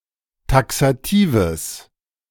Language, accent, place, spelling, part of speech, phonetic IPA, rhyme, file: German, Germany, Berlin, taxatives, adjective, [ˌtaksaˈtiːvəs], -iːvəs, De-taxatives.ogg
- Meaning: strong/mixed nominative/accusative neuter singular of taxativ